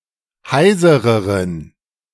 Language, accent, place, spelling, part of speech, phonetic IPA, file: German, Germany, Berlin, heisereren, adjective, [ˈhaɪ̯zəʁəʁən], De-heisereren.ogg
- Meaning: inflection of heiser: 1. strong genitive masculine/neuter singular comparative degree 2. weak/mixed genitive/dative all-gender singular comparative degree